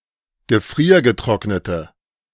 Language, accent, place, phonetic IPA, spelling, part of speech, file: German, Germany, Berlin, [ɡəˈfʁiːɐ̯ɡəˌtʁɔknətə], gefriergetrocknete, adjective, De-gefriergetrocknete.ogg
- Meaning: inflection of gefriergetrocknet: 1. strong/mixed nominative/accusative feminine singular 2. strong nominative/accusative plural 3. weak nominative all-gender singular